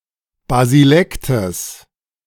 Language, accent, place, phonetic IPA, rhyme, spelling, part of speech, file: German, Germany, Berlin, [baziˈlɛktəs], -ɛktəs, Basilektes, noun, De-Basilektes.ogg
- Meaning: genitive of Basilekt